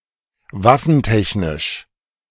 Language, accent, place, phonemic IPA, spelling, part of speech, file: German, Germany, Berlin, /ˈvafn̩ˌtɛçnɪʃ/, waffentechnisch, adjective, De-waffentechnisch.ogg
- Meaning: weapons technology